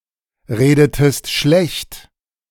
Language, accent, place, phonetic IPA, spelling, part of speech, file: German, Germany, Berlin, [ˌʁeːdətəst ˈʃlɛçt], redetest schlecht, verb, De-redetest schlecht.ogg
- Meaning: inflection of schlechtreden: 1. second-person singular preterite 2. second-person singular subjunctive II